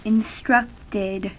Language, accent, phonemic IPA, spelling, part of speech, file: English, US, /ɪnˈstɹʌktɪd/, instructed, verb, En-us-instructed.ogg
- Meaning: simple past and past participle of instruct